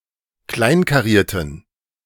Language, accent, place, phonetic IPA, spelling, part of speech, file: German, Germany, Berlin, [ˈklaɪ̯nkaˌʁiːɐ̯tn̩], kleinkarierten, adjective, De-kleinkarierten.ogg
- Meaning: inflection of kleinkariert: 1. strong genitive masculine/neuter singular 2. weak/mixed genitive/dative all-gender singular 3. strong/weak/mixed accusative masculine singular 4. strong dative plural